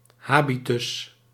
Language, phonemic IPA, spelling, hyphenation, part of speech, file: Dutch, /ˈhabitʏs/, habitus, ha‧bi‧tus, noun, Nl-habitus.ogg
- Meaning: 1. manner, behaviour 2. general physical appearance such as shape of the body 3. general appearance and/or behaviour of a plant